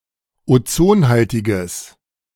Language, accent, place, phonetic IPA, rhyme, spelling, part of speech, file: German, Germany, Berlin, [oˈt͡soːnˌhaltɪɡəs], -oːnhaltɪɡəs, ozonhaltiges, adjective, De-ozonhaltiges.ogg
- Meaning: strong/mixed nominative/accusative neuter singular of ozonhaltig